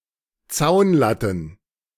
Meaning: plural of Zaunlatte
- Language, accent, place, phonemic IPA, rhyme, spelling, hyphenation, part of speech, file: German, Germany, Berlin, /ˈt͡saʊ̯nˌlatn̩/, -atn̩, Zaunlatten, Zaun‧lat‧ten, noun, De-Zaunlatten.ogg